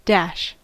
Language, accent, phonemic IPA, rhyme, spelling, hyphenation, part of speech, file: English, US, /ˈdæʃ/, -æʃ, dash, dash, noun / verb / interjection, En-us-dash.ogg
- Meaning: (noun) Any of the following symbols: 1. ‒ (figure dash), – (en dash), — (em dash), or ― (horizontal bar) 2. ‒ (figure dash), – (en dash), — (em dash), or ― (horizontal bar).: A hyphen or minus sign